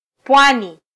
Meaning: 1. locative of pwa: at the coastline 2. coast, shore
- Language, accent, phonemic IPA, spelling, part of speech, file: Swahili, Kenya, /ˈpʷɑ.ni/, pwani, noun, Sw-ke-pwani.flac